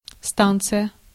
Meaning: 1. station 2. office, exchange 3. yard 4. power plant
- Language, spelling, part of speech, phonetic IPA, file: Russian, станция, noun, [ˈstant͡sɨjə], Ru-станция.ogg